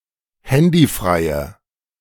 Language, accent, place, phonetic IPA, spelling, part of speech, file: German, Germany, Berlin, [ˈhɛndiˌfʁaɪ̯ə], handyfreie, adjective, De-handyfreie.ogg
- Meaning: inflection of handyfrei: 1. strong/mixed nominative/accusative feminine singular 2. strong nominative/accusative plural 3. weak nominative all-gender singular